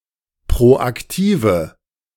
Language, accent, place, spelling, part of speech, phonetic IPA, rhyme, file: German, Germany, Berlin, proaktive, adjective, [pʁoʔakˈtiːvə], -iːvə, De-proaktive.ogg
- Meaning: inflection of proaktiv: 1. strong/mixed nominative/accusative feminine singular 2. strong nominative/accusative plural 3. weak nominative all-gender singular